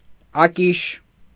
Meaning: 1. fire iron with a hook for stirring the fire in a թոնիր (tʻonir) 2. tool for scraping off dough in a trough
- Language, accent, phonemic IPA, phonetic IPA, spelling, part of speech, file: Armenian, Eastern Armenian, /ɑˈkiʃ/, [ɑkíʃ], ակիշ, noun, Hy-ակիշ.ogg